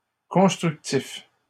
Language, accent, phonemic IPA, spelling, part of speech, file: French, Canada, /kɔ̃s.tʁyk.tif/, constructifs, adjective, LL-Q150 (fra)-constructifs.wav
- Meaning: masculine plural of constructif